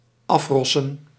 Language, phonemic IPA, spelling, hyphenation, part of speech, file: Dutch, /ˈɑfˌrɔ.sə(n)/, afrossen, af‧ros‧sen, verb, Nl-afrossen.ogg
- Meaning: to beat up, to give a beatdown